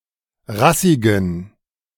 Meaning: inflection of rassig: 1. strong genitive masculine/neuter singular 2. weak/mixed genitive/dative all-gender singular 3. strong/weak/mixed accusative masculine singular 4. strong dative plural
- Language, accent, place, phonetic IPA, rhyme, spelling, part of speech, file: German, Germany, Berlin, [ˈʁasɪɡn̩], -asɪɡn̩, rassigen, adjective, De-rassigen.ogg